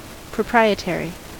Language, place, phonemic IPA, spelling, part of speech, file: English, California, /pɹəˈpɹaɪ.əˌtɛɹ.i/, proprietary, adjective / noun, En-us-proprietary.ogg
- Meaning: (adjective) 1. Of or relating to property or ownership 2. Owning something; having ownership